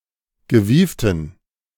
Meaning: inflection of gewieft: 1. strong genitive masculine/neuter singular 2. weak/mixed genitive/dative all-gender singular 3. strong/weak/mixed accusative masculine singular 4. strong dative plural
- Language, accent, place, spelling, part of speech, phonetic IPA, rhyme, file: German, Germany, Berlin, gewieften, adjective, [ɡəˈviːftn̩], -iːftn̩, De-gewieften.ogg